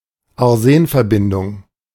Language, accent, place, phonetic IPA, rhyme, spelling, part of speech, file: German, Germany, Berlin, [aʁˈzeːnfɛɐ̯ˌbɪndʊŋ], -eːnfɛɐ̯bɪndʊŋ, Arsenverbindung, noun, De-Arsenverbindung.ogg
- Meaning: arsenic compound